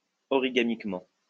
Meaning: origamically (by means of origami)
- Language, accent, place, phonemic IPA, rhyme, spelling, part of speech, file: French, France, Lyon, /ɔ.ʁi.ɡa.mik.mɑ̃/, -ɑ̃, origamiquement, adverb, LL-Q150 (fra)-origamiquement.wav